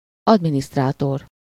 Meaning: administrator, secretary, clerk
- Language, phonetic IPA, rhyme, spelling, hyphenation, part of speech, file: Hungarian, [ˈɒdministraːtor], -or, adminisztrátor, ad‧mi‧niszt‧rá‧tor, noun, Hu-adminisztrátor.ogg